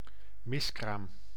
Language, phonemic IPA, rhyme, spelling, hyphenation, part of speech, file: Dutch, /ˈmɪs.kraːm/, -ɪskraːm, miskraam, mis‧kraam, noun, Nl-miskraam.ogg
- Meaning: 1. miscarriage, spontaneous abortion 2. miscarriage (miscarried fruit)